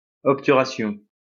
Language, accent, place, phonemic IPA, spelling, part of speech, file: French, France, Lyon, /ɔp.ty.ʁa.sjɔ̃/, obturation, noun, LL-Q150 (fra)-obturation.wav
- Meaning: 1. sealing; closing up 2. blockage 3. a dental filling